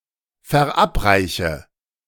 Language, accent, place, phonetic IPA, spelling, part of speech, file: German, Germany, Berlin, [fɛɐ̯ˈʔapˌʁaɪ̯çə], verabreiche, verb, De-verabreiche.ogg
- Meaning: inflection of verabreichen: 1. first-person singular present 2. first/third-person singular subjunctive I 3. singular imperative